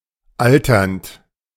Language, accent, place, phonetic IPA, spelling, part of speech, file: German, Germany, Berlin, [ˈaltɐnt], alternd, verb, De-alternd.ogg
- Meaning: present participle of altern